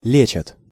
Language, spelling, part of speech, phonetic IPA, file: Russian, лечат, verb, [ˈlʲet͡ɕət], Ru-лечат.ogg
- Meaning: third-person plural present indicative imperfective of лечи́ть (lečítʹ)